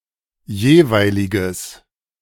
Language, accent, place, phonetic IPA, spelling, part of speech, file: German, Germany, Berlin, [ˈjeːˌvaɪ̯lɪɡəs], jeweiliges, adjective, De-jeweiliges.ogg
- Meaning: strong/mixed nominative/accusative neuter singular of jeweilig